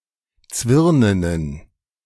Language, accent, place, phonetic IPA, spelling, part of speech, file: German, Germany, Berlin, [ˈt͡svɪʁnənən], zwirnenen, adjective, De-zwirnenen.ogg
- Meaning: inflection of zwirnen: 1. strong genitive masculine/neuter singular 2. weak/mixed genitive/dative all-gender singular 3. strong/weak/mixed accusative masculine singular 4. strong dative plural